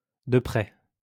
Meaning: closely
- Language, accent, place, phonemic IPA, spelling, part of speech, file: French, France, Lyon, /də pʁɛ/, de près, adverb, LL-Q150 (fra)-de près.wav